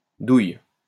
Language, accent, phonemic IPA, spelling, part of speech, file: French, France, /duj/, douille, noun, LL-Q150 (fra)-douille.wav
- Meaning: 1. socket (electrical socket) 2. cartridge case (unprofessional; the correct term in the military is étui) 3. money